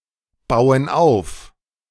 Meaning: inflection of aufbauen: 1. first/third-person plural present 2. first/third-person plural subjunctive I
- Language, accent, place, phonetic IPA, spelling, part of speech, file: German, Germany, Berlin, [ˌbaʊ̯ən ˈaʊ̯f], bauen auf, verb, De-bauen auf.ogg